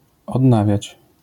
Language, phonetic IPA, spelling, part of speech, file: Polish, [ɔdˈnavʲjät͡ɕ], odnawiać, verb, LL-Q809 (pol)-odnawiać.wav